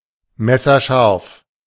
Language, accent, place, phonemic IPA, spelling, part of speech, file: German, Germany, Berlin, /ˈmɛsɐˌʃaʁf/, messerscharf, adjective, De-messerscharf.ogg
- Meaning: razor-sharp